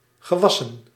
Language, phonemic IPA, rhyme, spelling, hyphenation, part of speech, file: Dutch, /ɣəˈʋɑsən/, -ɑsən, gewassen, ge‧was‧sen, verb / noun, Nl-gewassen.ogg
- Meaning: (verb) past participle of wassen; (noun) plural of gewas